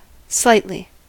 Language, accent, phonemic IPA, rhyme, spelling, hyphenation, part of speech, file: English, US, /ˈslaɪtli/, -aɪtli, slightly, slight‧ly, adverb, En-us-slightly.ogg
- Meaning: 1. Slenderly; delicately 2. To a small extent or degree